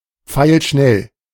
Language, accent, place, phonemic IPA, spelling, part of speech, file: German, Germany, Berlin, /ˈpfaɪ̯lˈʃnɛl/, pfeilschnell, adjective, De-pfeilschnell.ogg
- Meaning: swift as an arrow